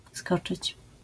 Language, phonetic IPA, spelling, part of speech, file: Polish, [ˈskɔt͡ʃɨt͡ɕ], skoczyć, verb, LL-Q809 (pol)-skoczyć.wav